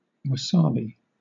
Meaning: 1. A plant of the species Eutrema japonicum, cultivated for its edible root 2. A pungent green Japanese condiment made from the plant Eutrema japonicum (syn. Wasabia japonica)
- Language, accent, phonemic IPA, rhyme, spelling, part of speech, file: English, Southern England, /wəˈsɑːbi/, -ɑːbi, wasabi, noun, LL-Q1860 (eng)-wasabi.wav